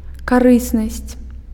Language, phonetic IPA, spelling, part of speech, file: Belarusian, [kaˈrɨsnasʲt͡sʲ], карыснасць, noun, Be-карыснасць.ogg
- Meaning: utility, usefulness